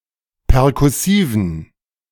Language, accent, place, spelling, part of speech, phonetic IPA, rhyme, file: German, Germany, Berlin, perkussiven, adjective, [pɛʁkʊˈsiːvn̩], -iːvn̩, De-perkussiven.ogg
- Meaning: inflection of perkussiv: 1. strong genitive masculine/neuter singular 2. weak/mixed genitive/dative all-gender singular 3. strong/weak/mixed accusative masculine singular 4. strong dative plural